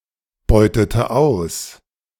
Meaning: inflection of ausbeuten: 1. first/third-person singular preterite 2. first/third-person singular subjunctive II
- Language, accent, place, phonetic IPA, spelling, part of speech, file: German, Germany, Berlin, [ˌbɔɪ̯tətə ˈaʊ̯s], beutete aus, verb, De-beutete aus.ogg